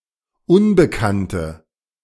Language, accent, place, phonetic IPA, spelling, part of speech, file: German, Germany, Berlin, [ˈʊnbəkantə], unbekannte, adjective, De-unbekannte.ogg
- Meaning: inflection of unbekannt: 1. strong/mixed nominative/accusative feminine singular 2. strong nominative/accusative plural 3. weak nominative all-gender singular